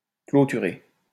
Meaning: 1. to fence off 2. to close, finish (a project, an evening) 3. to close
- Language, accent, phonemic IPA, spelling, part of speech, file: French, France, /klo.ty.ʁe/, clôturer, verb, LL-Q150 (fra)-clôturer.wav